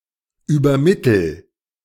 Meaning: inflection of übermitteln: 1. first-person singular present 2. singular imperative
- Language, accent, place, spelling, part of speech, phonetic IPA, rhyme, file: German, Germany, Berlin, übermittel, verb, [yːbɐˈmɪtl̩], -ɪtl̩, De-übermittel.ogg